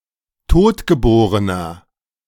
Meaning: inflection of totgeboren: 1. strong/mixed nominative masculine singular 2. strong genitive/dative feminine singular 3. strong genitive plural
- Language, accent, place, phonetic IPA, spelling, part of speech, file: German, Germany, Berlin, [ˈtoːtɡəˌboːʁənɐ], totgeborener, adjective, De-totgeborener.ogg